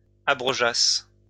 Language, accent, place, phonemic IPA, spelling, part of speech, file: French, France, Lyon, /a.bʁɔ.ʒas/, abrogeasse, verb, LL-Q150 (fra)-abrogeasse.wav
- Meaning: first-person singular imperfect subjunctive of abroger